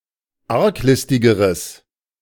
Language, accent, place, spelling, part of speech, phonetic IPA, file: German, Germany, Berlin, arglistigeres, adjective, [ˈaʁkˌlɪstɪɡəʁəs], De-arglistigeres.ogg
- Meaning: strong/mixed nominative/accusative neuter singular comparative degree of arglistig